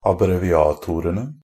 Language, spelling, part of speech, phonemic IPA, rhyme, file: Norwegian Bokmål, abbreviatorene, noun, /abreʋɪˈɑːtʊrənə/, -ənə, NB - Pronunciation of Norwegian Bokmål «abbreviatorene».ogg
- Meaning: definite plural of abbreviator